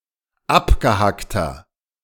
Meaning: 1. comparative degree of abgehackt 2. inflection of abgehackt: strong/mixed nominative masculine singular 3. inflection of abgehackt: strong genitive/dative feminine singular
- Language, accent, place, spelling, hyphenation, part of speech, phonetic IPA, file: German, Germany, Berlin, abgehackter, ab‧ge‧hack‧ter, adjective, [ˈapɡəhaktɐ], De-abgehackter.ogg